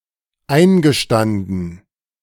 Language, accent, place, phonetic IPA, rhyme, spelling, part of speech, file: German, Germany, Berlin, [ˈaɪ̯nɡəˌʃtandn̩], -aɪ̯nɡəʃtandn̩, eingestanden, verb, De-eingestanden.ogg
- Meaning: past participle of einstehen